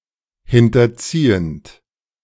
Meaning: present participle of hinterziehen
- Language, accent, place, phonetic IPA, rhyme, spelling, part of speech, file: German, Germany, Berlin, [ˌhɪntɐˈt͡siːənt], -iːənt, hinterziehend, verb, De-hinterziehend.ogg